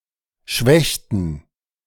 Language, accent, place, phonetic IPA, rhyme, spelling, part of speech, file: German, Germany, Berlin, [ˈʃvɛçtn̩], -ɛçtn̩, schwächten, verb, De-schwächten.ogg
- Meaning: inflection of schwächen: 1. first/third-person plural preterite 2. first/third-person plural subjunctive II